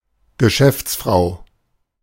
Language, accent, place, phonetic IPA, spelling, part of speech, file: German, Germany, Berlin, [ɡəˈʃɛft͡sˌfʁaʊ̯], Geschäftsfrau, noun, De-Geschäftsfrau.ogg
- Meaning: businesswoman